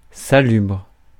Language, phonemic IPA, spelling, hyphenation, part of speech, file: French, /sa.lybʁ/, salubre, sa‧lubre, adjective, Fr-salubre.ogg
- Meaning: healthy, healthful, salubrious